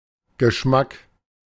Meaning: 1. taste 2. flavour 3. smell, odor
- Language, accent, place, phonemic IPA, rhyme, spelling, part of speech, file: German, Germany, Berlin, /ɡəˈʃmak/, -ak, Geschmack, noun, De-Geschmack.ogg